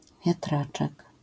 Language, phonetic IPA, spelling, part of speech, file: Polish, [vʲjaˈtrat͡ʃɛk], wiatraczek, noun, LL-Q809 (pol)-wiatraczek.wav